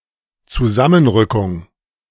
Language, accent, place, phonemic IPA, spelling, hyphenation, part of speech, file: German, Germany, Berlin, /t͡suˈzamənˌʁʏkʊŋ/, Zusammenrückung, Zu‧sam‧men‧rü‧ckung, noun, De-Zusammenrückung.ogg
- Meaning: univerbation